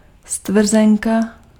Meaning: receipt, voucher
- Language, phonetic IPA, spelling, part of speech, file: Czech, [ˈstvr̩zɛŋka], stvrzenka, noun, Cs-stvrzenka.ogg